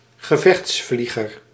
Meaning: a combat pilot, a pilot who flies a military aircraft
- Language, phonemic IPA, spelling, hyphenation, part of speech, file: Dutch, /ɣəˈvɛxtsˌfli.ɣər/, gevechtsvlieger, ge‧vechts‧vlie‧ger, noun, Nl-gevechtsvlieger.ogg